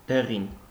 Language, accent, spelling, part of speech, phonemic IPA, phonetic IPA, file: Armenian, Eastern Armenian, դեղին, noun / adjective, /deˈʁin/, [deʁín], Hy-դեղին.ogg
- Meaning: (noun) definite dative singular of դեղ (deġ); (adjective) yellow